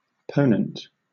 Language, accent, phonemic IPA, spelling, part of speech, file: English, Southern England, /ˈpəʊnənt/, ponent, noun / adjective, LL-Q1860 (eng)-ponent.wav
- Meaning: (noun) The west; the area of the setting sun; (adjective) Pertaining to the west, westerly